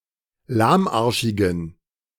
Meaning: inflection of lahmarschig: 1. strong genitive masculine/neuter singular 2. weak/mixed genitive/dative all-gender singular 3. strong/weak/mixed accusative masculine singular 4. strong dative plural
- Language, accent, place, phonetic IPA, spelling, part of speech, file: German, Germany, Berlin, [ˈlaːmˌʔaʁʃɪɡn̩], lahmarschigen, adjective, De-lahmarschigen.ogg